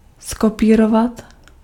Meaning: to copy, to reproduce
- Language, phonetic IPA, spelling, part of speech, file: Czech, [ˈskopiːrovat], zkopírovat, verb, Cs-zkopírovat.ogg